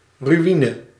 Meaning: ruin
- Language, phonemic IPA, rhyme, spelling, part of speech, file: Dutch, /ryˈinə/, -inə, ruïne, noun, Nl-ruïne.ogg